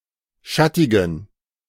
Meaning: inflection of schattig: 1. strong genitive masculine/neuter singular 2. weak/mixed genitive/dative all-gender singular 3. strong/weak/mixed accusative masculine singular 4. strong dative plural
- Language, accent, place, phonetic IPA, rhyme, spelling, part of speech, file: German, Germany, Berlin, [ˈʃatɪɡn̩], -atɪɡn̩, schattigen, adjective, De-schattigen.ogg